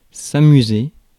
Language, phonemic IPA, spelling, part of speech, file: French, /a.my.ze/, amuser, verb, Fr-amuser.ogg
- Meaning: 1. to amuse, to entertain 2. to have fun, to enjoy oneself